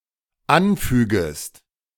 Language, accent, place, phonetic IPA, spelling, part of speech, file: German, Germany, Berlin, [ˈanˌfyːɡəst], anfügest, verb, De-anfügest.ogg
- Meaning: second-person singular dependent subjunctive I of anfügen